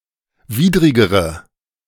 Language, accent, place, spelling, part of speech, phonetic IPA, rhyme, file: German, Germany, Berlin, widrigere, adjective, [ˈviːdʁɪɡəʁə], -iːdʁɪɡəʁə, De-widrigere.ogg
- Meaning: inflection of widrig: 1. strong/mixed nominative/accusative feminine singular comparative degree 2. strong nominative/accusative plural comparative degree